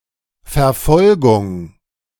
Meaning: 1. persecution 2. pursuit, pursuance 3. tracking, trailing
- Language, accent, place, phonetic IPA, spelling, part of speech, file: German, Germany, Berlin, [fɛɐ̯ˈfɔlɡʊŋ], Verfolgung, noun, De-Verfolgung.ogg